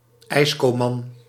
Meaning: ice cream vendor (male)
- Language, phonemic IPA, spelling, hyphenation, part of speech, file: Dutch, /ˈɛi̯s.koːˌmɑn/, ijscoman, ijs‧co‧man, noun, Nl-ijscoman.ogg